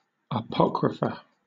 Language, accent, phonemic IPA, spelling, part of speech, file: English, Southern England, /əˈpɒk.ɹə.fə/, apocrypha, noun, LL-Q1860 (eng)-apocrypha.wav
- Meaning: 1. plural of apocryphon 2. Something, as a writing, that is of doubtful authorship or authority (formerly also used attributively)